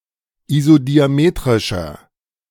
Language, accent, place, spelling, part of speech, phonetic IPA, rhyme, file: German, Germany, Berlin, isodiametrischer, adjective, [izodiaˈmeːtʁɪʃɐ], -eːtʁɪʃɐ, De-isodiametrischer.ogg
- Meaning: inflection of isodiametrisch: 1. strong/mixed nominative masculine singular 2. strong genitive/dative feminine singular 3. strong genitive plural